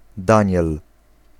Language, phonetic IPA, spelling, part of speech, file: Polish, [ˈdãɲɛl], daniel, noun, Pl-daniel.ogg